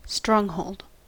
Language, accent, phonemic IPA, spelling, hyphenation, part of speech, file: English, General American, /ˈstɹɔŋˌhoʊld/, stronghold, strong‧hold, noun, En-us-stronghold.ogg
- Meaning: 1. A place built to withstand attack; a fortress 2. A place of domination by, or refuge or survival of, a particular group or idea